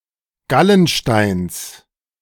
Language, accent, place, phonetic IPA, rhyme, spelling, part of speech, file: German, Germany, Berlin, [ˈɡalənˌʃtaɪ̯ns], -alənʃtaɪ̯ns, Gallensteins, noun, De-Gallensteins.ogg
- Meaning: genitive singular of Gallenstein